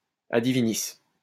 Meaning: from priestly authority, from divine office
- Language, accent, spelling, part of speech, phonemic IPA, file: French, France, a divinis, adjective, /a di.vi.nis/, LL-Q150 (fra)-a divinis.wav